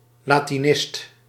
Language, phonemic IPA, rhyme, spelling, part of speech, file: Dutch, /laː.tiˈnɪst/, -ɪst, latinist, noun, Nl-latinist.ogg
- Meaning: Latinist